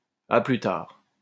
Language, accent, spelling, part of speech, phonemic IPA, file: French, France, à plus tard, interjection, /a ply taʁ/, LL-Q150 (fra)-à plus tard.wav
- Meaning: see you later